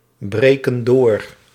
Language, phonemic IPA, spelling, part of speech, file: Dutch, /ˈbrekə(n) ˈdor/, breken door, verb, Nl-breken door.ogg
- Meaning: inflection of doorbreken: 1. plural present indicative 2. plural present subjunctive